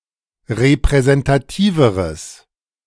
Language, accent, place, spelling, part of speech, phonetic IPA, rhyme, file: German, Germany, Berlin, repräsentativeres, adjective, [ʁepʁɛzɛntaˈtiːvəʁəs], -iːvəʁəs, De-repräsentativeres.ogg
- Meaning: strong/mixed nominative/accusative neuter singular comparative degree of repräsentativ